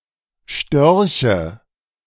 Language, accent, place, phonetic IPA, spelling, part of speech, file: German, Germany, Berlin, [ˈʃtœʁçə], Störche, noun, De-Störche.ogg
- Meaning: nominative/accusative/genitive plural of Storch